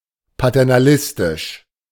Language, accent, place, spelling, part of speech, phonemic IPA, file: German, Germany, Berlin, paternalistisch, adjective, /patɛʁnaˈlɪstɪʃ/, De-paternalistisch.ogg
- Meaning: paternalistic